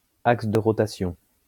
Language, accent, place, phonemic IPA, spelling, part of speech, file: French, France, Lyon, /aks də ʁɔ.ta.sjɔ̃/, axe de rotation, noun, LL-Q150 (fra)-axe de rotation.wav
- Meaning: axis of rotation